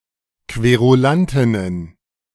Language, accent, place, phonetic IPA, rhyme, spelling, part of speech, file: German, Germany, Berlin, [kveʁuˈlantɪnən], -antɪnən, Querulantinnen, noun, De-Querulantinnen.ogg
- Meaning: plural of Querulantin